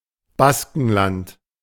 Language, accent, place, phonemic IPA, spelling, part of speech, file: German, Germany, Berlin, /ˈbaskənˌlant/, Baskenland, proper noun, De-Baskenland.ogg
- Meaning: 1. Basque Country (a cultural region that straddles the border of Spain and France, where the Basque language is traditionally spoken) 2. Basque Country (an autonomous community in northern Spain)